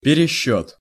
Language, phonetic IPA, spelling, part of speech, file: Russian, [pʲɪrʲɪˈɕːɵt], пересчёт, noun, Ru-пересчёт.ogg
- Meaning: 1. recount, recalculation 2. conversion